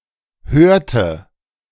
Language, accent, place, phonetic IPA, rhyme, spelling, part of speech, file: German, Germany, Berlin, [ˈhøːɐ̯tə], -øːɐ̯tə, hörte, verb, De-hörte.ogg
- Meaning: inflection of hören: 1. first/third-person singular preterite 2. first/third-person singular subjunctive II